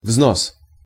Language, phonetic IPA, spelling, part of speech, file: Russian, [vznos], взнос, noun, Ru-взнос.ogg
- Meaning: payment; fee; contribution; instalment